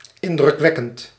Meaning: impressive, imposing
- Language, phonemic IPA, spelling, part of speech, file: Dutch, /ˌɪndrʏkˈʋɛkənt/, indrukwekkend, adjective, Nl-indrukwekkend.ogg